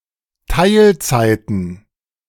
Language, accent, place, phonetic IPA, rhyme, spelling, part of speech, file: German, Germany, Berlin, [ˈtaɪ̯lˌt͡saɪ̯tn̩], -aɪ̯lt͡saɪ̯tn̩, Teilzeiten, noun, De-Teilzeiten.ogg
- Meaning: plural of Teilzeit